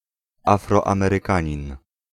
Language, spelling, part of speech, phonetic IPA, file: Polish, Afroamerykanin, noun, [ˌafrɔãmɛrɨˈkãɲĩn], Pl-Afroamerykanin.ogg